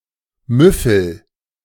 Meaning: inflection of müffeln: 1. first-person singular present 2. singular imperative
- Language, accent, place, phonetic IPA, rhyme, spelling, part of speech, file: German, Germany, Berlin, [ˈmʏfl̩], -ʏfl̩, müffel, verb, De-müffel.ogg